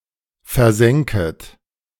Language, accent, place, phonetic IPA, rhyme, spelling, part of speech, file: German, Germany, Berlin, [fɛɐ̯ˈzɛŋkət], -ɛŋkət, versänket, verb, De-versänket.ogg
- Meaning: second-person plural subjunctive II of versinken